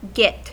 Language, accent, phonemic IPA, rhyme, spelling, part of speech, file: English, General American, /ɡɪt/, -ɪt, git, noun / verb / interjection / proper noun, En-us-git.ogg
- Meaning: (noun) A silly, incompetent, stupid, or annoying person (usually a man); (verb) Pronunciation spelling of get; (interjection) Shoot! go away! (used to usher something away, chiefly towards an animal)